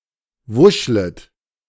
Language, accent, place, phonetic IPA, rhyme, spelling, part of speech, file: German, Germany, Berlin, [ˈvʊʃlət], -ʊʃlət, wuschlet, verb, De-wuschlet.ogg
- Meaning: second-person plural subjunctive I of wuscheln